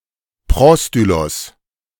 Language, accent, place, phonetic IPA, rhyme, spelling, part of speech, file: German, Germany, Berlin, [ˈpʁɔstylɔs], -ɔstylɔs, Prostylos, noun, De-Prostylos.ogg
- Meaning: prostyle (building)